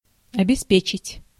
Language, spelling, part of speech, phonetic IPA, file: Russian, обеспечить, verb, [ɐbʲɪˈspʲet͡ɕɪtʲ], Ru-обеспечить.ogg
- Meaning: 1. to provide, to supply 2. to assure, to secure, to guarantee, to ensure (to make sure and secure)